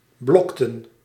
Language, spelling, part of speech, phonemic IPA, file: Dutch, blokten, verb, /ˈblɔktə(n)/, Nl-blokten.ogg
- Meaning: inflection of blokken: 1. plural past indicative 2. plural past subjunctive